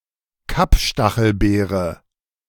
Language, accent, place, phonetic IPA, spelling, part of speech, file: German, Germany, Berlin, [ˈkapˌʃtaxl̩beːʁə], Kapstachelbeere, noun, De-Kapstachelbeere.ogg
- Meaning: goldenberry